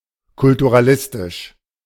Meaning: culturalistic
- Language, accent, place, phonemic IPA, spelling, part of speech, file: German, Germany, Berlin, /kʊltuʁaˈlɪstɪʃ/, kulturalistisch, adjective, De-kulturalistisch.ogg